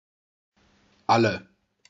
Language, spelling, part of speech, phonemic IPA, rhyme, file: German, alle, pronoun / determiner / adjective, /ˈalə/, -alə, De-alle.ogg
- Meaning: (pronoun) 1. inflection of all (“all”) 2. inflection of all (“all”): nominative/accusative singular feminine 3. inflection of all (“all”): nominative/accusative plural; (adjective) finished; gone